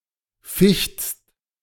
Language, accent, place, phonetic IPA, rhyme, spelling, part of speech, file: German, Germany, Berlin, [fɪçt͡st], -ɪçt͡st, fichtst, verb, De-fichtst.ogg
- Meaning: second-person singular present of fechten